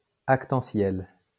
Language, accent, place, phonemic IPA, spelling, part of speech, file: French, France, Lyon, /ak.tɑ̃.sjɛl/, actantiel, adjective, LL-Q150 (fra)-actantiel.wav
- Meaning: actantial